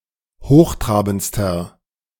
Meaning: inflection of hochtrabend: 1. strong/mixed nominative masculine singular superlative degree 2. strong genitive/dative feminine singular superlative degree 3. strong genitive plural superlative degree
- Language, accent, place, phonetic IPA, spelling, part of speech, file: German, Germany, Berlin, [ˈhoːxˌtʁaːbn̩t͡stɐ], hochtrabendster, adjective, De-hochtrabendster.ogg